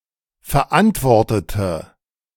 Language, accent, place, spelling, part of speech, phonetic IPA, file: German, Germany, Berlin, verantwortete, adjective / verb, [fɛɐ̯ˈʔantvɔʁtətə], De-verantwortete.ogg
- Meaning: inflection of verantworten: 1. first/third-person singular preterite 2. first/third-person singular subjunctive II